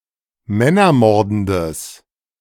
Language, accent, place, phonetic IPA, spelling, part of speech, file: German, Germany, Berlin, [ˈmɛnɐˌmɔʁdn̩dəs], männermordendes, adjective, De-männermordendes.ogg
- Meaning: strong/mixed nominative/accusative neuter singular of männermordend